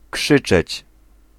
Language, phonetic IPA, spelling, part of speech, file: Polish, [ˈkʃɨt͡ʃɛt͡ɕ], krzyczeć, verb, Pl-krzyczeć.ogg